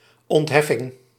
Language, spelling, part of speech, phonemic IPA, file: Dutch, ontheffing, noun, /ɔntˈhɛfɪŋ/, Nl-ontheffing.ogg
- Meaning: exemption